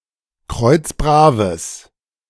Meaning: strong/mixed nominative/accusative neuter singular of kreuzbrav
- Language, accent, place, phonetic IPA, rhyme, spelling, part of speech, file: German, Germany, Berlin, [ˈkʁɔɪ̯t͡sˈbʁaːvəs], -aːvəs, kreuzbraves, adjective, De-kreuzbraves.ogg